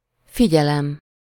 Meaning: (noun) attention (mental focus); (interjection) Attention!, Warning! (used to warn of danger in signs and notices); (verb) first-person singular indicative present definite of figyel
- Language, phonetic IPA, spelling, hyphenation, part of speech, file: Hungarian, [ˈfiɟɛlɛm], figyelem, fi‧gye‧lem, noun / interjection / verb, Hu-figyelem.ogg